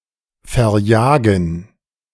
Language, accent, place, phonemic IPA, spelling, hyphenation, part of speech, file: German, Germany, Berlin, /fɛɐ̯ˈjɒːɡən/, verjagen, ver‧ja‧gen, verb, De-verjagen.ogg
- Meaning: to scare away, to chase away, to expel